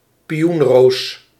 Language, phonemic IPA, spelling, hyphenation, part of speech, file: Dutch, /piˈunˌroːs/, pioenroos, pi‧oen‧roos, noun, Nl-pioenroos.ogg
- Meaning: a peony, a plant of the genus Paeonia; its flower in particular